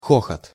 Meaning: laughter, roar, guffaw
- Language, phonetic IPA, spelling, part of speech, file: Russian, [ˈxoxət], хохот, noun, Ru-хохот.ogg